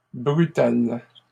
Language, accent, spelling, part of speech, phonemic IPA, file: French, Canada, brutales, adjective / noun, /bʁy.tal/, LL-Q150 (fra)-brutales.wav
- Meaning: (adjective) feminine plural of brutal